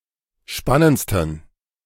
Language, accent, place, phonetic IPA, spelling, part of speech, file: German, Germany, Berlin, [ˈʃpanənt͡stn̩], spannendsten, adjective, De-spannendsten.ogg
- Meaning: 1. superlative degree of spannend 2. inflection of spannend: strong genitive masculine/neuter singular superlative degree